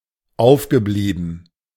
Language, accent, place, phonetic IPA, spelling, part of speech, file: German, Germany, Berlin, [ˈaʊ̯fɡəˌbliːbn̩], aufgeblieben, verb, De-aufgeblieben.ogg
- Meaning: past participle of aufbleiben